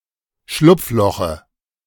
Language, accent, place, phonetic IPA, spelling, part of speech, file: German, Germany, Berlin, [ˈʃlʊp͡fˌlɔxə], Schlupfloche, noun, De-Schlupfloche.ogg
- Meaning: dative of Schlupfloch